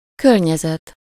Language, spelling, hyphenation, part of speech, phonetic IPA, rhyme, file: Hungarian, környezet, kör‧nye‧zet, noun, [ˈkørɲɛzɛt], -ɛt, Hu-környezet.ogg
- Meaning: environment (area around something)